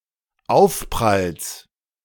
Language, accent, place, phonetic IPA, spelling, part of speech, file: German, Germany, Berlin, [ˈaʊ̯fpʁals], Aufpralls, noun, De-Aufpralls.ogg
- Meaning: genitive of Aufprall